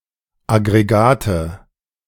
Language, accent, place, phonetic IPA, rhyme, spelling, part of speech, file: German, Germany, Berlin, [ˌaɡʁeˈɡaːtə], -aːtə, Aggregate, noun, De-Aggregate2.ogg
- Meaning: nominative/accusative/genitive plural of Aggregat